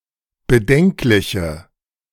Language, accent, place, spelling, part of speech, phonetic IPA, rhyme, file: German, Germany, Berlin, bedenkliche, adjective, [bəˈdɛŋklɪçə], -ɛŋklɪçə, De-bedenkliche.ogg
- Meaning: inflection of bedenklich: 1. strong/mixed nominative/accusative feminine singular 2. strong nominative/accusative plural 3. weak nominative all-gender singular